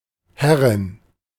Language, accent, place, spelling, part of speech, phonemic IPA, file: German, Germany, Berlin, Herrin, noun, /ˈhɛʁɪn/, De-Herrin.ogg
- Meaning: 1. lady (female equivalent of a lord) 2. mistress (woman with control or authority over others; female equivalent of master)